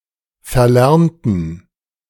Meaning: inflection of verlernen: 1. first/third-person plural preterite 2. first/third-person plural subjunctive II
- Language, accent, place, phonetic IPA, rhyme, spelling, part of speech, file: German, Germany, Berlin, [fɛɐ̯ˈlɛʁntn̩], -ɛʁntn̩, verlernten, adjective / verb, De-verlernten.ogg